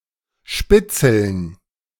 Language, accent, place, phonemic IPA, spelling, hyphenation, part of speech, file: German, Germany, Berlin, /ʃpɪt͡sl̩n/, spitzeln, spit‧zeln, verb, De-spitzeln.ogg
- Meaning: to spy